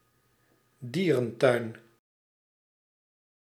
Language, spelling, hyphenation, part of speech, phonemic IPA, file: Dutch, dierentuin, die‧ren‧tuin, noun, /ˈdiː.rə(n)ˌtœy̯n/, Nl-dierentuin.ogg
- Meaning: zoo